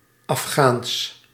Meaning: Afghan
- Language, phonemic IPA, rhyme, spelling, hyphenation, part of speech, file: Dutch, /ɑfˈxaːns/, -aːns, Afghaans, Af‧ghaans, adjective, Nl-Afghaans.ogg